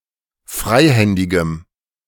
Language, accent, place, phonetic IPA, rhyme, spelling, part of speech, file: German, Germany, Berlin, [ˈfʁaɪ̯ˌhɛndɪɡəm], -aɪ̯hɛndɪɡəm, freihändigem, adjective, De-freihändigem.ogg
- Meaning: strong dative masculine/neuter singular of freihändig